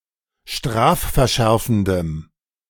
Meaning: strong dative masculine/neuter singular of strafverschärfend
- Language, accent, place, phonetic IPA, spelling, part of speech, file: German, Germany, Berlin, [ˈʃtʁaːffɛɐ̯ˌʃɛʁfn̩dəm], strafverschärfendem, adjective, De-strafverschärfendem.ogg